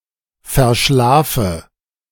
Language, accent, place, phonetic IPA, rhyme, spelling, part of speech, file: German, Germany, Berlin, [fɛɐ̯ˈʃlaːfə], -aːfə, verschlafe, verb, De-verschlafe.ogg
- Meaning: inflection of verschlafen: 1. singular imperative 2. first-person singular present 3. first/third-person singular subjunctive I